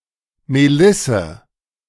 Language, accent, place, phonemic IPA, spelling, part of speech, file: German, Germany, Berlin, /meˈlɪsə/, Melisse, noun, De-Melisse.ogg
- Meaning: lemon balm; any of several plants of the genus Melissa